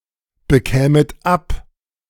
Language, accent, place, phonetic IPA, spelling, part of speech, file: German, Germany, Berlin, [bəˌkɛːmət ˈap], bekämet ab, verb, De-bekämet ab.ogg
- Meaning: second-person plural subjunctive II of abbekommen